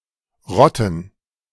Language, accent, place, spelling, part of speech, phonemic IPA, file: German, Germany, Berlin, Rotten, proper noun / noun, /ˈʁɔtən/, De-Rotten.ogg
- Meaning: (proper noun) Rhone, Rhône (a major river in Switzerland and France that flows from the Alps to the Mediterranean Sea); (noun) 1. plural of Rotte 2. gerund of rotten